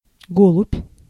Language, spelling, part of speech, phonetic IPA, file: Russian, голубь, noun, [ˈɡoɫʊpʲ], Ru-голубь.ogg
- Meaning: dove, pigeon